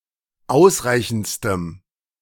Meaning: strong dative masculine/neuter singular superlative degree of ausreichend
- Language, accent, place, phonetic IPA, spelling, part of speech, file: German, Germany, Berlin, [ˈaʊ̯sˌʁaɪ̯çn̩t͡stəm], ausreichendstem, adjective, De-ausreichendstem.ogg